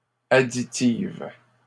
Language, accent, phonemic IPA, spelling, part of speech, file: French, Canada, /a.di.tiv/, additives, adjective, LL-Q150 (fra)-additives.wav
- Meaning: feminine plural of additif